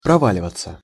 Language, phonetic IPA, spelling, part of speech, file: Russian, [prɐˈvalʲɪvət͡sə], проваливаться, verb, Ru-проваливаться.ogg
- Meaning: 1. to fall through, to come down 2. to fail, to flunk (on an exam) 3. passive of прова́ливать (proválivatʹ)